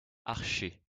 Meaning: bow (rod used for playing stringed instruments)
- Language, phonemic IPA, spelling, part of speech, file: French, /aʁ.ʃɛ/, archet, noun, LL-Q150 (fra)-archet.wav